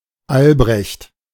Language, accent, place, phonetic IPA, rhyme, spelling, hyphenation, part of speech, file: German, Germany, Berlin, [ˈalbʁɛçt], -ɛçt, Albrecht, Al‧brecht, proper noun, De-Albrecht.ogg
- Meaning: 1. a male given name from Old High German, of rare current usage, variant of Albert 2. a common surname originating as a patronymic